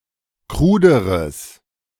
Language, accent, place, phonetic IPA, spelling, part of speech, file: German, Germany, Berlin, [ˈkʁuːdəʁəs], kruderes, adjective, De-kruderes.ogg
- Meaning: strong/mixed nominative/accusative neuter singular comparative degree of krud